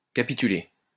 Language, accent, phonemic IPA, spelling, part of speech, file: French, France, /ka.pi.ty.le/, capituler, verb, LL-Q150 (fra)-capituler.wav
- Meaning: to surrender; to capitulate (to give oneself up into the power of another)